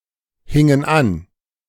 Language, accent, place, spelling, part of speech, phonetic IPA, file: German, Germany, Berlin, hingen an, verb, [ˌhɪŋən ˈan], De-hingen an.ogg
- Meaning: first/third-person plural preterite of anhängen